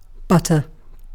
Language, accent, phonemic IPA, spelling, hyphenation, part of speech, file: English, UK, /ˈbʌtə/, butter, but‧ter, noun / verb, En-uk-butter.ogg
- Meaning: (noun) A soft, fatty foodstuff made by churning the cream of milk (generally cow's milk)